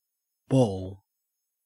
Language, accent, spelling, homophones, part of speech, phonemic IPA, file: English, Australia, ball, bawl, noun / verb / interjection, /boːl/, En-au-ball.ogg
- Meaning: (noun) 1. A solid or hollow sphere, or roughly spherical mass 2. A solid or hollow sphere, or roughly spherical mass.: A quantity of string, thread, etc., wound into a spherical shape